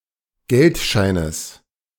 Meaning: genitive singular of Geldschein
- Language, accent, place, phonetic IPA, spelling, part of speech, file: German, Germany, Berlin, [ˈɡɛltˌʃaɪ̯nəs], Geldscheines, noun, De-Geldscheines.ogg